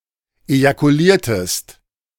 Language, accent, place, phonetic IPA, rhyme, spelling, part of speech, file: German, Germany, Berlin, [ejakuˈliːɐ̯təst], -iːɐ̯təst, ejakuliertest, verb, De-ejakuliertest.ogg
- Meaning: inflection of ejakulieren: 1. second-person singular preterite 2. second-person singular subjunctive II